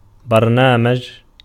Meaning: 1. agenda 2. program 3. show, program 4. computer program
- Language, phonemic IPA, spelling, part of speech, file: Arabic, /bar.naː.mad͡ʒ/, برنامج, noun, Ar-برنامج.ogg